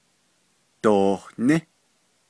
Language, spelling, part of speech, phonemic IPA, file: Navajo, dohní, verb, /tòhnɪ́/, Nv-dohní.ogg
- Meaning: second-person duoplural imperfective of ní